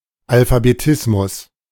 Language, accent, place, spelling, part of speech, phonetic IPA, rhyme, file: German, Germany, Berlin, Alphabetismus, noun, [alfabeˈtɪsmʊs], -ɪsmʊs, De-Alphabetismus.ogg
- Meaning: alphabetism (form of literacy)